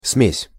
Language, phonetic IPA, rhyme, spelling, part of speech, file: Russian, [smʲesʲ], -esʲ, смесь, noun, Ru-смесь.ogg
- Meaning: blend, mix, mixture